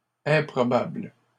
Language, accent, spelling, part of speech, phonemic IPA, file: French, Canada, improbable, adjective, /ɛ̃.pʁɔ.babl/, LL-Q150 (fra)-improbable.wav
- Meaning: unlikely, improbable (not likely)